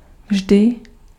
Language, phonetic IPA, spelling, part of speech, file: Czech, [ˈvʒdɪ], vždy, adverb, Cs-vždy.ogg
- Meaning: always, every time